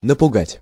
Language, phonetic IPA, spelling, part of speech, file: Russian, [nəpʊˈɡatʲ], напугать, verb, Ru-напугать.ogg
- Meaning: to frighten